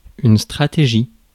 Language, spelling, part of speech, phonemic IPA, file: French, stratégie, noun, /stʁa.te.ʒi/, Fr-stratégie.ogg
- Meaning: strategy